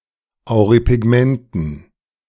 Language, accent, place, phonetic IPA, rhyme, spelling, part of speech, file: German, Germany, Berlin, [aʊ̯ʁipɪˈɡmɛntn̩], -ɛntn̩, Auripigmenten, noun, De-Auripigmenten.ogg
- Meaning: dative plural of Auripigment